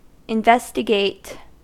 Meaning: 1. To inquire into or study in order to ascertain facts or information 2. To examine, look into, or scrutinize in order to discover something hidden or secret 3. To conduct an inquiry or examination
- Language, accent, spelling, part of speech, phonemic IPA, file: English, General American, investigate, verb, /ɪnˈvɛs.tə.ɡeɪt/, En-us-investigate.ogg